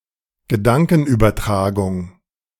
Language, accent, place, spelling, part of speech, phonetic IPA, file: German, Germany, Berlin, Gedankenübertragung, noun, [ɡəˈdaŋkn̩ʔyːbɐˌtʁaːɡʊŋ], De-Gedankenübertragung.ogg
- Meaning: telepathy